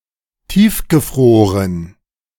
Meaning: deep-frozen
- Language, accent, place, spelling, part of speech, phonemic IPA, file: German, Germany, Berlin, tiefgefroren, adjective, /ˈtiːfɡəˌfʁoːʁən/, De-tiefgefroren.ogg